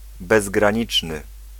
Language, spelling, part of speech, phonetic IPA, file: Polish, bezgraniczny, adjective, [ˌbɛzɡrãˈɲit͡ʃnɨ], Pl-bezgraniczny.ogg